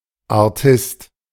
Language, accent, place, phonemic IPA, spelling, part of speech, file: German, Germany, Berlin, /aʁˈtɪst/, Artist, noun, De-Artist.ogg
- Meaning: one who performs physical tricks in a circus or similar context, e.g. a wirewalker, trapezist, or juggler